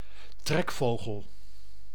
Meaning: migratory bird
- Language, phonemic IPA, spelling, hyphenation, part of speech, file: Dutch, /ˈtrɛkˌfoː.ɣəl/, trekvogel, trek‧vo‧gel, noun, Nl-trekvogel.ogg